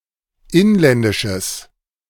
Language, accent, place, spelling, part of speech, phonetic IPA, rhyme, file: German, Germany, Berlin, inländisches, adjective, [ˈɪnlɛndɪʃəs], -ɪnlɛndɪʃəs, De-inländisches.ogg
- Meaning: strong/mixed nominative/accusative neuter singular of inländisch